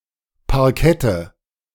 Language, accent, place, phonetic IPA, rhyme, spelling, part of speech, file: German, Germany, Berlin, [paʁˈkɛtə], -ɛtə, Parkette, noun, De-Parkette.ogg
- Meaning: nominative/accusative/genitive plural of Parkett